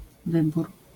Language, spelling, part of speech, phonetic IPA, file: Polish, wybór, noun, [ˈvɨbur], LL-Q809 (pol)-wybór.wav